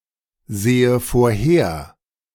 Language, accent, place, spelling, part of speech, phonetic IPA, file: German, Germany, Berlin, sehe vorher, verb, [ˌzeːə foːɐ̯ˈheːɐ̯], De-sehe vorher.ogg
- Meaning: inflection of vorhersehen: 1. first-person singular present 2. first/third-person singular subjunctive I